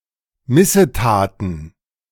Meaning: plural of Missetat
- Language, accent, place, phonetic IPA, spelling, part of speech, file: German, Germany, Berlin, [ˈmɪsəˌtaːtn̩], Missetaten, noun, De-Missetaten.ogg